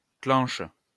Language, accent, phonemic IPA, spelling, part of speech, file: French, France, /klɑ̃ʃ/, clenche, noun, LL-Q150 (fra)-clenche.wav
- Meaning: latch